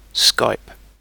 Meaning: 1. To make (a telephone call) using Skype software 2. To send (a message or file) with Skype 3. To contact (a person) via Skype
- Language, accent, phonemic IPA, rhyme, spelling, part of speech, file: English, UK, /skaɪp/, -aɪp, skype, verb, En-uk-skype.ogg